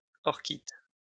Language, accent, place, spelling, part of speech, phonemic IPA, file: French, France, Lyon, orchites, noun, /ɔʁ.kit/, LL-Q150 (fra)-orchites.wav
- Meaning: plural of orchite